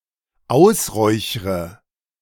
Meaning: inflection of ausräuchern: 1. first-person singular dependent present 2. first/third-person singular dependent subjunctive I
- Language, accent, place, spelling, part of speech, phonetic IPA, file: German, Germany, Berlin, ausräuchre, verb, [ˈaʊ̯sˌʁɔɪ̯çʁə], De-ausräuchre.ogg